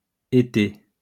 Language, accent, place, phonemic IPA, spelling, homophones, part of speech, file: French, France, Lyon, /e.te/, étés, été, noun, LL-Q150 (fra)-étés.wav
- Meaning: plural of été